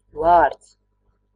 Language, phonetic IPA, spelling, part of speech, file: Latvian, [vàːɾds], vārds, noun, Lv-vārds.ogg
- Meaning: 1. name 2. word